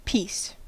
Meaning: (noun) 1. A part of a larger whole, usually in such a form that it is able to be separated from other parts 2. A single item belonging to a class of similar items
- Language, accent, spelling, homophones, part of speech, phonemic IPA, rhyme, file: English, US, piece, peace, noun / verb, /piːs/, -iːs, En-us-piece.ogg